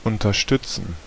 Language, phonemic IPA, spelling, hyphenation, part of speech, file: German, /ʊntɐˈʃtʏt͡sən/, unterstützen, un‧ter‧stüt‧zen, verb, De-unterstützen.ogg
- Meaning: 1. to support, to assist, to help, to aid 2. to endorse, to give support, to show support, to back up, to promote, to encourage, to sponsor, to support 3. to sustain, to support